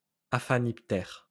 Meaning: flea (of the order Aphaniptera)
- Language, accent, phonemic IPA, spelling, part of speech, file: French, France, /a.fa.nip.tɛʁ/, aphaniptère, noun, LL-Q150 (fra)-aphaniptère.wav